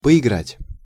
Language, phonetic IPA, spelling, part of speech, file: Russian, [pəɪˈɡratʲ], поиграть, verb, Ru-поиграть.ogg
- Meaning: to play (for a while)